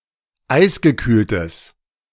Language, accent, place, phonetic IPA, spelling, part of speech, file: German, Germany, Berlin, [ˈaɪ̯sɡəˌkyːltəs], eisgekühltes, adjective, De-eisgekühltes.ogg
- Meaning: strong/mixed nominative/accusative neuter singular of eisgekühlt